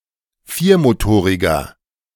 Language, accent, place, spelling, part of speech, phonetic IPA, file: German, Germany, Berlin, viermotoriger, adjective, [ˈfiːɐ̯moˌtoːʁɪɡɐ], De-viermotoriger.ogg
- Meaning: inflection of viermotorig: 1. strong/mixed nominative masculine singular 2. strong genitive/dative feminine singular 3. strong genitive plural